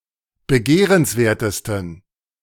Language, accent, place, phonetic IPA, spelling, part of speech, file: German, Germany, Berlin, [bəˈɡeːʁənsˌveːɐ̯təstn̩], begehrenswertesten, adjective, De-begehrenswertesten.ogg
- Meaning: 1. superlative degree of begehrenswert 2. inflection of begehrenswert: strong genitive masculine/neuter singular superlative degree